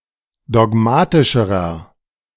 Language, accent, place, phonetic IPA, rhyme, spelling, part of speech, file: German, Germany, Berlin, [dɔˈɡmaːtɪʃəʁɐ], -aːtɪʃəʁɐ, dogmatischerer, adjective, De-dogmatischerer.ogg
- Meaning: inflection of dogmatisch: 1. strong/mixed nominative masculine singular comparative degree 2. strong genitive/dative feminine singular comparative degree 3. strong genitive plural comparative degree